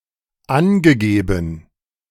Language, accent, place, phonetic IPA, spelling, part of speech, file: German, Germany, Berlin, [ˈanɡəˌɡeːbn̩], angegeben, adjective / verb, De-angegeben.ogg
- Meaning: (verb) past participle of angeben; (adjective) specified, stated